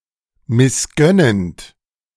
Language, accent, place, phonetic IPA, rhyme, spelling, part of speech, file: German, Germany, Berlin, [mɪsˈɡœnənt], -œnənt, missgönnend, verb, De-missgönnend.ogg
- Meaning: present participle of missgönnen